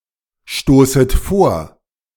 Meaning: second-person plural subjunctive I of vorstoßen
- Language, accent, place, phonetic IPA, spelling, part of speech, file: German, Germany, Berlin, [ˌʃtoːsət ˈfoːɐ̯], stoßet vor, verb, De-stoßet vor.ogg